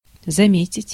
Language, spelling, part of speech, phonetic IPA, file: Russian, заметить, verb, [zɐˈmʲetʲɪtʲ], Ru-заметить.ogg
- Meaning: to notice, to remark, to note, to observe